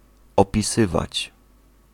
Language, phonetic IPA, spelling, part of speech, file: Polish, [ˌɔpʲiˈsɨvat͡ɕ], opisywać, verb, Pl-opisywać.ogg